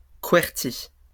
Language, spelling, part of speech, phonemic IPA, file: French, qwerty, noun, /kwɛʁ.ti/, LL-Q150 (fra)-qwerty.wav
- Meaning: a qwerty keyboard